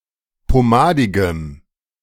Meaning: strong dative masculine/neuter singular of pomadig
- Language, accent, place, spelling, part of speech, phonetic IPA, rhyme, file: German, Germany, Berlin, pomadigem, adjective, [poˈmaːdɪɡəm], -aːdɪɡəm, De-pomadigem.ogg